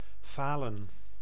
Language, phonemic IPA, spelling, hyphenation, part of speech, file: Dutch, /ˈfaːlə(n)/, falen, fa‧len, verb / noun, Nl-falen.ogg
- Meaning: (verb) 1. to fail 2. to default (a payment); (noun) plural of faal